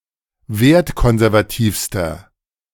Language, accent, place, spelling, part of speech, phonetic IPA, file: German, Germany, Berlin, wertkonservativster, adjective, [ˈveːɐ̯tˌkɔnzɛʁvaˌtiːfstɐ], De-wertkonservativster.ogg
- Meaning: inflection of wertkonservativ: 1. strong/mixed nominative masculine singular superlative degree 2. strong genitive/dative feminine singular superlative degree